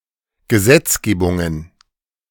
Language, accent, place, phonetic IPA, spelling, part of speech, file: German, Germany, Berlin, [ɡəˈzɛt͡sˌɡeːbʊŋən], Gesetzgebungen, noun, De-Gesetzgebungen.ogg
- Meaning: plural of Gesetzgebung